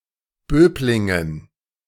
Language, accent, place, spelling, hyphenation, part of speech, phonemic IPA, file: German, Germany, Berlin, Böblingen, Böb‧lin‧gen, proper noun, /ˈbøːblɪŋən/, De-Böblingen.ogg
- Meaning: a town and rural district of Baden-Württemberg